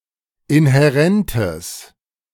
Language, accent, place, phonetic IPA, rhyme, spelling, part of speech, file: German, Germany, Berlin, [ɪnhɛˈʁɛntəs], -ɛntəs, inhärentes, adjective, De-inhärentes.ogg
- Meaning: strong/mixed nominative/accusative neuter singular of inhärent